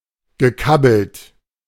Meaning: past participle of kabbeln
- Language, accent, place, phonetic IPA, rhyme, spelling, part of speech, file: German, Germany, Berlin, [ɡəˈkabl̩t], -abl̩t, gekabbelt, verb, De-gekabbelt.ogg